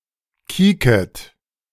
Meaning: second-person plural subjunctive I of kieken
- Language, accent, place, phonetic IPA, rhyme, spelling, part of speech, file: German, Germany, Berlin, [ˈkiːkət], -iːkət, kieket, verb, De-kieket.ogg